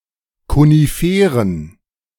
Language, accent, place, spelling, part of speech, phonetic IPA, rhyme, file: German, Germany, Berlin, Koniferen, noun, [koniˈfeːʁən], -eːʁən, De-Koniferen.ogg
- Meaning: plural of Konifere